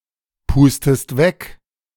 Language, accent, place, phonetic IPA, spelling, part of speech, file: German, Germany, Berlin, [ˌpuːstəst ˈvɛk], pustest weg, verb, De-pustest weg.ogg
- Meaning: inflection of wegpusten: 1. second-person singular present 2. second-person singular subjunctive I